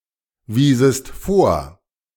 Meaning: second-person singular subjunctive II of vorweisen
- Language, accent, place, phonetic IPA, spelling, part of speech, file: German, Germany, Berlin, [ˌviːzəst ˈfoːɐ̯], wiesest vor, verb, De-wiesest vor.ogg